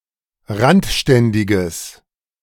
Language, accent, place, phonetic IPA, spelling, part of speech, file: German, Germany, Berlin, [ˈʁantˌʃtɛndɪɡəs], randständiges, adjective, De-randständiges.ogg
- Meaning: strong/mixed nominative/accusative neuter singular of randständig